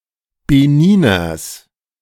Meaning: genitive singular of Beniner
- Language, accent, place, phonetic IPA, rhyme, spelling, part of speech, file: German, Germany, Berlin, [beˈniːnɐs], -iːnɐs, Beniners, noun, De-Beniners.ogg